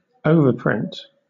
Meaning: An addition of new text on a previously printed stamp, usually to add a surcharge or change the face value
- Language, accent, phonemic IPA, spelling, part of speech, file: English, Southern England, /ˈəʊvə(ɹ)ˌpɹɪnt/, overprint, noun, LL-Q1860 (eng)-overprint.wav